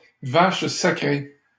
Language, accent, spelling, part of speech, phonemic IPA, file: French, Canada, vache sacrée, noun, /vaʃ sa.kʁe/, LL-Q150 (fra)-vache sacrée.wav
- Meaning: taboo subject, sacred cow (something which shouldn't be broached or criticized, for fear of public outcry)